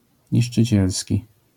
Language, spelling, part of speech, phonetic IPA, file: Polish, niszczycielski, adjective, [ˌɲiʃt͡ʃɨˈt͡ɕɛlsʲci], LL-Q809 (pol)-niszczycielski.wav